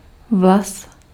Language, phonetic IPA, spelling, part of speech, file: Czech, [ˈvlas], vlas, noun, Cs-vlas.ogg
- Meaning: a single hair (a filament growing from the skin of the head of humans)